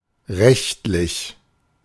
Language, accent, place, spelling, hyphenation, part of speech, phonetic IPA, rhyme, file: German, Germany, Berlin, rechtlich, recht‧lich, adjective, [ˈʁɛçtlɪç], -ɛçtlɪç, De-rechtlich.ogg
- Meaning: 1. legal 2. lawful